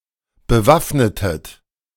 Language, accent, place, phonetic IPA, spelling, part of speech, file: German, Germany, Berlin, [bəˈvafnətət], bewaffnetet, verb, De-bewaffnetet.ogg
- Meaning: inflection of bewaffnen: 1. second-person plural preterite 2. second-person plural subjunctive II